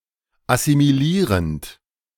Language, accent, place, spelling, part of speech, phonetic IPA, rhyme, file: German, Germany, Berlin, assimilierend, verb, [asimiˈliːʁənt], -iːʁənt, De-assimilierend.ogg
- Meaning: present participle of assimilieren